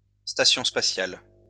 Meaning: space station (manned artificial satellite)
- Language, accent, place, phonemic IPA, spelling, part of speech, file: French, France, Lyon, /sta.sjɔ̃ spa.sjal/, station spatiale, noun, LL-Q150 (fra)-station spatiale.wav